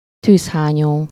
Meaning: volcano (mountain containing a magma chamber)
- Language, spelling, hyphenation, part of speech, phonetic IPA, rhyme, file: Hungarian, tűzhányó, tűz‧há‧nyó, noun, [ˈtyːshaːɲoː], -ɲoː, Hu-tűzhányó.ogg